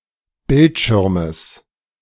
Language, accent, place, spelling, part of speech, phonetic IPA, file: German, Germany, Berlin, Bildschirmes, noun, [ˈbɪltˌʃɪʁməs], De-Bildschirmes.ogg
- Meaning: genitive singular of Bildschirm